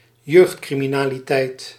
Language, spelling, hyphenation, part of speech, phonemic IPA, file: Dutch, jeugdcriminaliteit, jeugd‧cri‧mi‧na‧li‧teit, noun, /ˈjøːxt.kri.mi.naː.liˌtɛi̯t/, Nl-jeugdcriminaliteit.ogg
- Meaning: youth crime (crime perpetrated by minors)